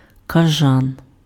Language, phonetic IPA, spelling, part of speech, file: Ukrainian, [kɐˈʒan], кажан, noun, Uk-кажан.ogg
- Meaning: bat (small flying mammal)